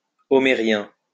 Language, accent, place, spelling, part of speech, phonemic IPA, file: French, France, Lyon, homérien, adjective, /ɔ.me.ʁjɛ̃/, LL-Q150 (fra)-homérien.wav
- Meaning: of Homer; Homeric, Homerian